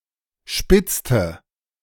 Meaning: inflection of spitzen: 1. first/third-person singular preterite 2. first/third-person singular subjunctive II
- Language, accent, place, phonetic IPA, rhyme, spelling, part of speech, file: German, Germany, Berlin, [ˈʃpɪt͡stə], -ɪt͡stə, spitzte, verb, De-spitzte.ogg